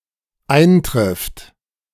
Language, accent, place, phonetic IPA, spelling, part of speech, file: German, Germany, Berlin, [ˈaɪ̯nˌtʁɪft], eintrifft, verb, De-eintrifft.ogg
- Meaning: third-person singular dependent present of eintreffen